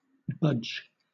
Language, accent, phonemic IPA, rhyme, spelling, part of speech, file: English, Southern England, /bʌd͡ʒ/, -ʌdʒ, budge, verb / noun / adjective, LL-Q1860 (eng)-budge.wav
- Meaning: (verb) 1. To move; to be shifted from a fixed position 2. To move; to shift from a fixed position 3. To yield in one’s opinions or beliefs